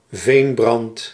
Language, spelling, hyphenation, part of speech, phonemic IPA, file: Dutch, veenbrand, veen‧brand, noun, /ˈveːn.brɑnt/, Nl-veenbrand.ogg
- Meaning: 1. peat fire 2. lingering, periodically reigniting conflict